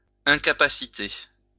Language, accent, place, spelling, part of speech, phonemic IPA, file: French, France, Lyon, incapacité, noun, /ɛ̃.ka.pa.si.te/, LL-Q150 (fra)-incapacité.wav
- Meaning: inability